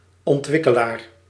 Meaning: developer
- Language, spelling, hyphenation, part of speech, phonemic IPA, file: Dutch, ontwikkelaar, ont‧wik‧ke‧laar, noun, /ɔntˈwɪkəlar/, Nl-ontwikkelaar.ogg